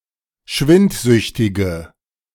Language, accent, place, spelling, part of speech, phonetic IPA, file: German, Germany, Berlin, schwindsüchtige, adjective, [ˈʃvɪntˌzʏçtɪɡə], De-schwindsüchtige.ogg
- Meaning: inflection of schwindsüchtig: 1. strong/mixed nominative/accusative feminine singular 2. strong nominative/accusative plural 3. weak nominative all-gender singular